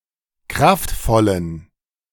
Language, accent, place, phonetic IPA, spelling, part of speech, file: German, Germany, Berlin, [ˈkʁaftˌfɔlən], kraftvollen, adjective, De-kraftvollen.ogg
- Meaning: inflection of kraftvoll: 1. strong genitive masculine/neuter singular 2. weak/mixed genitive/dative all-gender singular 3. strong/weak/mixed accusative masculine singular 4. strong dative plural